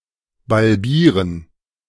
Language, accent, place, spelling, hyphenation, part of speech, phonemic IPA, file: German, Germany, Berlin, balbieren, bal‧bie‧ren, verb, /balˈbiːrən/, De-balbieren.ogg
- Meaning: alternative form of barbieren